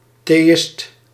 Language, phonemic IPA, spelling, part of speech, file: Dutch, /teːˈɪst/, theïst, noun, Nl-theïst.ogg
- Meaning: theist